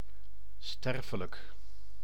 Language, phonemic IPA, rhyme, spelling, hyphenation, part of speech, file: Dutch, /ˈstɛr.fə.lək/, -ɛrfələk, sterfelijk, ster‧fe‧lijk, adjective, Nl-sterfelijk.ogg
- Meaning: mortal (susceptible to death)